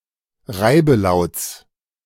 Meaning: genitive singular of Reibelaut
- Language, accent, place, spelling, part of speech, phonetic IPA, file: German, Germany, Berlin, Reibelauts, noun, [ˈʁaɪ̯bəˌlaʊ̯t͡s], De-Reibelauts.ogg